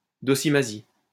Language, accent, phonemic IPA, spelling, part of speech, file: French, France, /dɔ.si.ma.zi/, docimasie, noun, LL-Q150 (fra)-docimasie.wav
- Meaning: assaying